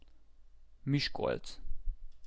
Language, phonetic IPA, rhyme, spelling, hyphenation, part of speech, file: Hungarian, [ˈmiʃkolt͡s], -olt͡s, Miskolc, Mis‧kolc, proper noun, Hu-Miskolc.ogg
- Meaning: Miskolc (a city in Borsod-Abaúj-Zemplén County, Hungary)